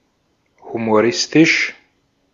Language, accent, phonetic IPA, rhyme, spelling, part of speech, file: German, Austria, [humoˈʁɪstɪʃ], -ɪstɪʃ, humoristisch, adjective, De-at-humoristisch.ogg
- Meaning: humorous